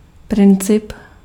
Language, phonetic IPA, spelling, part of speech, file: Czech, [ˈprɪnt͡sɪp], princip, noun, Cs-princip.ogg
- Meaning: 1. principle (rule of action) 2. principle (rule or law of nature)